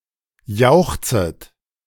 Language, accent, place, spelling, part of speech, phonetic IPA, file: German, Germany, Berlin, jauchzet, verb, [ˈjaʊ̯xt͡sət], De-jauchzet.ogg
- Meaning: second-person plural subjunctive I of jauchzen